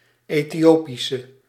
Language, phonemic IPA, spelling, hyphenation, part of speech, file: Dutch, /ˌeː.tiˈoː.pi.sə/, Ethiopische, Ethio‧pi‧sche, adjective / noun, Nl-Ethiopische.ogg
- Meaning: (adjective) inflection of Ethiopisch: 1. masculine/feminine singular attributive 2. definite neuter singular attributive 3. plural attributive; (noun) woman from Ethiopia